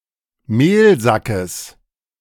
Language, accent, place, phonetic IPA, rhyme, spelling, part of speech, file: German, Germany, Berlin, [ˈmeːlˌzakəs], -eːlzakəs, Mehlsackes, noun, De-Mehlsackes.ogg
- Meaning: genitive of Mehlsack